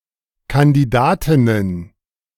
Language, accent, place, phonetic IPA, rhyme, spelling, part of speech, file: German, Germany, Berlin, [kandiˈdaːtɪnən], -aːtɪnən, Kandidatinnen, noun, De-Kandidatinnen.ogg
- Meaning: plural of Kandidatin